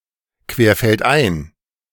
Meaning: cross-country, across the countryside, across fields
- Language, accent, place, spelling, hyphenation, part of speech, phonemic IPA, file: German, Germany, Berlin, querfeldein, quer‧feld‧ein, adverb, /kveːɐ̯fɛltˈʔaɪ̯n/, De-querfeldein.ogg